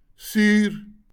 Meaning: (adjective) 1. sour 2. acidic; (noun) acid
- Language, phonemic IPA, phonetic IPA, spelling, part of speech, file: Afrikaans, /syr/, [syːr], suur, adjective / noun, LL-Q14196 (afr)-suur.wav